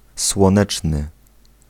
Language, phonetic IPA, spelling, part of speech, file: Polish, [swɔ̃ˈnɛt͡ʃnɨ], słoneczny, adjective, Pl-słoneczny.ogg